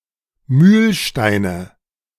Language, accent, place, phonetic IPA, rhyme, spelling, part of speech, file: German, Germany, Berlin, [ˈmyːlˌʃtaɪ̯nə], -yːlʃtaɪ̯nə, Mühlsteine, noun, De-Mühlsteine.ogg
- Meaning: nominative/accusative/genitive plural of Mühlstein